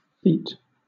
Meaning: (noun) A relatively rare or difficult accomplishment; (adjective) Dexterous in movements or service; skilful; neat; pretty; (verb) 1. To form; to fashion 2. To feature; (noun) Clipping of feature
- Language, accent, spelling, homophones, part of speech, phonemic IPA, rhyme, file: English, Southern England, feat, feet, noun / adjective / verb, /fiːt/, -iːt, LL-Q1860 (eng)-feat.wav